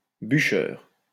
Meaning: swot, hard worker
- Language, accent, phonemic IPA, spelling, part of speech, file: French, France, /by.ʃœʁ/, bûcheur, noun, LL-Q150 (fra)-bûcheur.wav